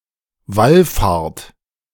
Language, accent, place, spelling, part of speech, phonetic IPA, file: German, Germany, Berlin, wallfahrt, verb, [ˈvalˌfaːɐ̯t], De-wallfahrt.ogg
- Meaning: inflection of wallfahren: 1. second-person plural present 2. third-person singular present 3. plural imperative